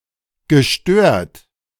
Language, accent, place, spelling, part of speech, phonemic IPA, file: German, Germany, Berlin, gestört, verb / adjective, /ɡəˈʃtøːɐ̯t/, De-gestört.ogg
- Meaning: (verb) past participle of stören; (adjective) 1. disturbed, impaired, abnormal (mentally) 2. excellent